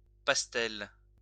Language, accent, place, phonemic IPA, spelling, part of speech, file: French, France, Lyon, /pas.tɛl/, pastel, noun, LL-Q150 (fra)-pastel.wav
- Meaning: 1. woad 2. pastel